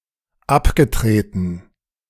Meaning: past participle of abtreten
- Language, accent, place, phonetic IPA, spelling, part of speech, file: German, Germany, Berlin, [ˈapɡəˌtʁeːtn̩], abgetreten, verb, De-abgetreten.ogg